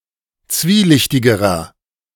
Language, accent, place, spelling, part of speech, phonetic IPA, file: German, Germany, Berlin, zwielichtigerer, adjective, [ˈt͡sviːˌlɪçtɪɡəʁɐ], De-zwielichtigerer.ogg
- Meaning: inflection of zwielichtig: 1. strong/mixed nominative masculine singular comparative degree 2. strong genitive/dative feminine singular comparative degree 3. strong genitive plural comparative degree